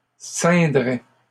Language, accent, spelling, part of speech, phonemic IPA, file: French, Canada, ceindrais, verb, /sɛ̃.dʁɛ/, LL-Q150 (fra)-ceindrais.wav
- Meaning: first/second-person singular conditional of ceindre